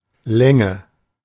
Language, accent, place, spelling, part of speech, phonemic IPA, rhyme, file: German, Germany, Berlin, Länge, noun, /ˈlɛŋə/, -ɛŋə, De-Länge.ogg
- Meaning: 1. length 2. longitude